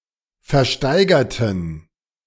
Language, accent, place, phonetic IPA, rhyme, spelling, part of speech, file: German, Germany, Berlin, [fɛɐ̯ˈʃtaɪ̯ɡɐtn̩], -aɪ̯ɡɐtn̩, versteigerten, adjective / verb, De-versteigerten.ogg
- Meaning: inflection of versteigern: 1. first/third-person plural preterite 2. first/third-person plural subjunctive II